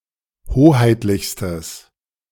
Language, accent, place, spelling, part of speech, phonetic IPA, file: German, Germany, Berlin, hoheitlichstes, adjective, [ˈhoːhaɪ̯tlɪçstəs], De-hoheitlichstes.ogg
- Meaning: strong/mixed nominative/accusative neuter singular superlative degree of hoheitlich